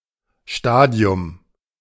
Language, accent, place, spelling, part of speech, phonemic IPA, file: German, Germany, Berlin, Stadium, noun, /ˈʃtaːdi̯ʊm/, De-Stadium.ogg
- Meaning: stage, phase